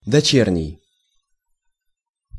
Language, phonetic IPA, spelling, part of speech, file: Russian, [dɐˈt͡ɕernʲɪj], дочерний, adjective, Ru-дочерний.ogg
- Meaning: 1. daughter; filial 2. daughter, branch; affiliated, subsidiary